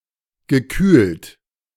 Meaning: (verb) past participle of kühlen; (adjective) 1. chilled, refrigerated 2. cooled
- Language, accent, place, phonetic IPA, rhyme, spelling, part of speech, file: German, Germany, Berlin, [ɡəˈkyːlt], -yːlt, gekühlt, adjective / verb, De-gekühlt.ogg